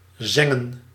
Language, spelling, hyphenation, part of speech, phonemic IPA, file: Dutch, zengen, zen‧gen, verb, /ˈzɛŋ.ə(n)/, Nl-zengen.ogg
- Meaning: to singe, to sear